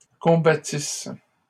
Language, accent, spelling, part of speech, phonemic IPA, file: French, Canada, combattissent, verb, /kɔ̃.ba.tis/, LL-Q150 (fra)-combattissent.wav
- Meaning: third-person plural imperfect subjunctive of combattre